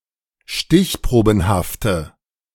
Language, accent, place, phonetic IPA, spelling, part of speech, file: German, Germany, Berlin, [ˈʃtɪçˌpʁoːbn̩haftə], stichprobenhafte, adjective, De-stichprobenhafte.ogg
- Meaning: inflection of stichprobenhaft: 1. strong/mixed nominative/accusative feminine singular 2. strong nominative/accusative plural 3. weak nominative all-gender singular